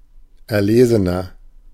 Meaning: 1. comparative degree of erlesen 2. inflection of erlesen: strong/mixed nominative masculine singular 3. inflection of erlesen: strong genitive/dative feminine singular
- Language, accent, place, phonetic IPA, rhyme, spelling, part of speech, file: German, Germany, Berlin, [ɛɐ̯ˈleːzənɐ], -eːzənɐ, erlesener, adjective, De-erlesener.ogg